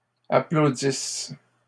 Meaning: inflection of applaudir: 1. first/third-person singular present subjunctive 2. first-person singular imperfect subjunctive
- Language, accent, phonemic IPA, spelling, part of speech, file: French, Canada, /a.plo.dis/, applaudisse, verb, LL-Q150 (fra)-applaudisse.wav